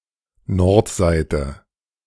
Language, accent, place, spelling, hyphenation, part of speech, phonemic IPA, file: German, Germany, Berlin, Nordseite, Nord‧seite, noun, /ˈnɔʁtˌzaɪ̯tə/, De-Nordseite.ogg
- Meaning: north side